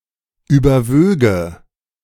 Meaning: first/third-person singular subjunctive II of überwiegen
- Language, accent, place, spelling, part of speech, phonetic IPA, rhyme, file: German, Germany, Berlin, überwöge, verb, [ˌyːbɐˈvøːɡə], -øːɡə, De-überwöge.ogg